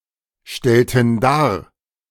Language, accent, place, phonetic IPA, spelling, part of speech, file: German, Germany, Berlin, [ˌʃtɛltn̩ ˈdaːɐ̯], stellten dar, verb, De-stellten dar.ogg
- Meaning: inflection of darstellen: 1. first/third-person plural preterite 2. first/third-person plural subjunctive II